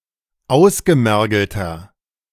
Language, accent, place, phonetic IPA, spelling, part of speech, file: German, Germany, Berlin, [ˈaʊ̯sɡəˌmɛʁɡl̩tɐ], ausgemergelter, adjective, De-ausgemergelter.ogg
- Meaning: 1. comparative degree of ausgemergelt 2. inflection of ausgemergelt: strong/mixed nominative masculine singular 3. inflection of ausgemergelt: strong genitive/dative feminine singular